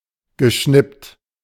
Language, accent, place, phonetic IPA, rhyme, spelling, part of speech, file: German, Germany, Berlin, [ɡəˈʃnɪpt], -ɪpt, geschnippt, verb, De-geschnippt.ogg
- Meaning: past participle of schnippen